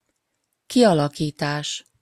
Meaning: forming, shaping, evolving
- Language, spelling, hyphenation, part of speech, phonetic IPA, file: Hungarian, kialakítás, ki‧ala‧kí‧tás, noun, [ˈkijɒlɒkiːtaːʃ], Hu-kialakítás.opus